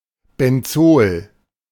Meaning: benzene
- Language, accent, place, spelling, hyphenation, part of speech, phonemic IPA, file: German, Germany, Berlin, Benzol, Ben‧zol, noun, /bɛnˈt͡soːl/, De-Benzol.ogg